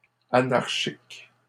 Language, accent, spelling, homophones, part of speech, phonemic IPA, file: French, Canada, anarchiques, anarchique, adjective, /a.naʁ.ʃik/, LL-Q150 (fra)-anarchiques.wav
- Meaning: plural of anarchique